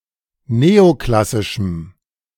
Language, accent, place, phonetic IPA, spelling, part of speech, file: German, Germany, Berlin, [ˈneːoˌklasɪʃm̩], neoklassischem, adjective, De-neoklassischem.ogg
- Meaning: strong dative masculine/neuter singular of neoklassisch